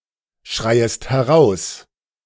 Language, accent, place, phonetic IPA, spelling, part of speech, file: German, Germany, Berlin, [ˌʃʁaɪ̯əst hɛˈʁaʊ̯s], schreiest heraus, verb, De-schreiest heraus.ogg
- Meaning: second-person singular subjunctive I of herausschreien